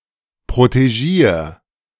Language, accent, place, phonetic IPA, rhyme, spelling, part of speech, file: German, Germany, Berlin, [pʁoteˈʒiːɐ̯], -iːɐ̯, protegier, verb, De-protegier.ogg
- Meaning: singular imperative of protegieren